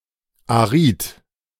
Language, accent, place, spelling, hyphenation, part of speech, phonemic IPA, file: German, Germany, Berlin, arid, arid, adjective, /aˈʁiːt/, De-arid.ogg
- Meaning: arid